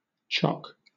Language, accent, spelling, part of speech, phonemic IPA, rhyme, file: English, Southern England, chock, noun / verb / adverb / interjection, /tʃɒk/, -ɒk, LL-Q1860 (eng)-chock.wav
- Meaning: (noun) Any object used as a wedge or filler, especially when placed behind a wheel to prevent it from rolling